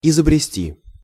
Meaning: 1. to invent 2. to devise, to contrive
- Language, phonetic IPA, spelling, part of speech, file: Russian, [ɪzəbrʲɪˈsʲtʲi], изобрести, verb, Ru-изобрести.ogg